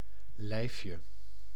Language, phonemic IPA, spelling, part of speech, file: Dutch, /ˈlɛifjə/, lijfje, noun, Nl-lijfje.ogg
- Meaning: 1. diminutive of lijf 2. bodice